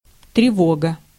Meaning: 1. alarm, alert 2. trouble, anxiety, uneasiness, fluster, discomposure, disquiet, disquietude
- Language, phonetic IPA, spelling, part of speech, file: Russian, [trʲɪˈvoɡə], тревога, noun, Ru-тревога.ogg